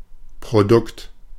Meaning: product
- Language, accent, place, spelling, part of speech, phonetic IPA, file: German, Germany, Berlin, Produkt, noun, [pʁoˈdʊkt], De-Produkt.ogg